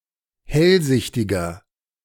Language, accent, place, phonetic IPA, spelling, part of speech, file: German, Germany, Berlin, [ˈhɛlˌzɪçtɪɡɐ], hellsichtiger, adjective, De-hellsichtiger.ogg
- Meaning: 1. comparative degree of hellsichtig 2. inflection of hellsichtig: strong/mixed nominative masculine singular 3. inflection of hellsichtig: strong genitive/dative feminine singular